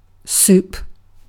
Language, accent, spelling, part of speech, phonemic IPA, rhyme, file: English, Received Pronunciation, soup, noun / verb, /suːp/, -uːp, En-uk-soup.ogg
- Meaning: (noun) Any of various dishes commonly made by combining liquids, such as water or stock, with other ingredients, such as meat and vegetables, that contribute the food value, flavor, and texture